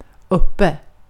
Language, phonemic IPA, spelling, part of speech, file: Swedish, /²ɵpɛ/, uppe, adverb, Sv-uppe.ogg
- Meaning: 1. up (in a more elevated position relative to the speaker or another object of comparison) 2. up, awake